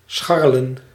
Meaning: 1. to walk around scratching the soil to forage for food 2. to move around clumsily, especially on ice skates 3. to perform various small activities around the place; to mess around, to potter
- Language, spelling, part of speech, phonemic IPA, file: Dutch, scharrelen, verb, /ˈsxɑ.rə.lə(n)/, Nl-scharrelen.ogg